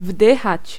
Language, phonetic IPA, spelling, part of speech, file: Polish, [ˈvdɨxat͡ɕ], wdychać, verb, Pl-wdychać.ogg